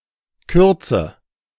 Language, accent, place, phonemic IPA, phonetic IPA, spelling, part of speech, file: German, Germany, Berlin, /ˈkʏʁt͡sə/, [ˈkʰʏɐ̯t͡sə], Kürze, noun, De-Kürze.ogg
- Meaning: 1. brevity 2. shortness